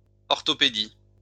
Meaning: orthopaedics
- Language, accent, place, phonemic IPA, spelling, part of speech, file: French, France, Lyon, /ɔʁ.tɔ.pe.di/, orthopédie, noun, LL-Q150 (fra)-orthopédie.wav